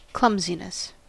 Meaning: A lack of coordination or elegance; the condition or quality of being clumsy
- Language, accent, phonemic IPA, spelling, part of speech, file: English, US, /ˈklʌm.zi.nəs/, clumsiness, noun, En-us-clumsiness.ogg